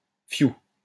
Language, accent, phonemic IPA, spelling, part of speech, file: French, France, /fju/, fiou, interjection, LL-Q150 (fra)-fiou.wav
- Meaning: phew, an onomatopoeic interjection used to express relief